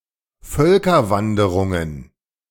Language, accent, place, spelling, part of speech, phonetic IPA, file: German, Germany, Berlin, Völkerwanderungen, noun, [ˈfœlkɐˌvandəʁʊŋən], De-Völkerwanderungen.ogg
- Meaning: plural of Völkerwanderung